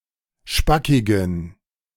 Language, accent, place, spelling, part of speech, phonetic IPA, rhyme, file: German, Germany, Berlin, spackigen, adjective, [ˈʃpakɪɡn̩], -akɪɡn̩, De-spackigen.ogg
- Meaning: inflection of spackig: 1. strong genitive masculine/neuter singular 2. weak/mixed genitive/dative all-gender singular 3. strong/weak/mixed accusative masculine singular 4. strong dative plural